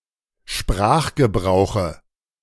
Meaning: dative of Sprachgebrauch
- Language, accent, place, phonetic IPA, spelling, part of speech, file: German, Germany, Berlin, [ˈʃpʁaːxɡəˌbʁaʊ̯xə], Sprachgebrauche, noun, De-Sprachgebrauche.ogg